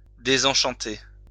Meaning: to disenchant (to remove an enchantment from)
- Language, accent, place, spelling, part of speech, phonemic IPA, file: French, France, Lyon, désenchanter, verb, /de.zɑ̃.ʃɑ̃.te/, LL-Q150 (fra)-désenchanter.wav